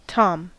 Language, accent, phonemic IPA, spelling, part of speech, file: English, US, /tɑm/, tom, noun / verb, En-us-tom.ogg
- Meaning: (noun) 1. The male of the domesticated cat, especially if not neutered 2. The male of the turkey 3. The male of the orangutan 4. The male of certain other animals 5. A female prostitute 6. A lesbian